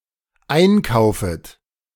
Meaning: second-person plural dependent subjunctive I of einkaufen
- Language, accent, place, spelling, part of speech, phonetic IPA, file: German, Germany, Berlin, einkaufet, verb, [ˈaɪ̯nˌkaʊ̯fət], De-einkaufet.ogg